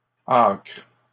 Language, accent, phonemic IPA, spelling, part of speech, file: French, Canada, /akʁ/, acres, noun, LL-Q150 (fra)-acres.wav
- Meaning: plural of acre